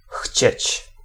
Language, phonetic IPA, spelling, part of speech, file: Polish, [xʲt͡ɕɛ̇t͡ɕ], chcieć, verb, Pl-chcieć.ogg